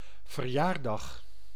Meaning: birthday
- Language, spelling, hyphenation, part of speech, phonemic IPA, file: Dutch, verjaardag, ver‧jaar‧dag, noun, /vərˈjaːrˌdɑx/, Nl-verjaardag.ogg